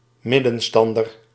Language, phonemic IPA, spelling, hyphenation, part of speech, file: Dutch, /ˈmɪ.də(n)ˌstɑn.dər/, middenstander, mid‧den‧stan‧der, noun, Nl-middenstander.ogg
- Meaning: a small retail business owner, retailer